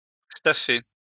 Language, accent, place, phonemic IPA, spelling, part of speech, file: French, France, Lyon, /sta.fe/, staffer, verb, LL-Q150 (fra)-staffer.wav
- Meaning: to cover with staff (the building material)